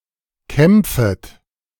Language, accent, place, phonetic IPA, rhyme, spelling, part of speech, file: German, Germany, Berlin, [ˈkɛmp͡fət], -ɛmp͡fət, kämpfet, verb, De-kämpfet.ogg
- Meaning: second-person plural subjunctive I of kämpfen